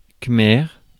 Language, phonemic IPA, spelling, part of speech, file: French, /kmɛʁ/, khmer, noun / adjective, Fr-khmer.ogg
- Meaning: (noun) Khmer (the national language of Cambodia); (adjective) Khmer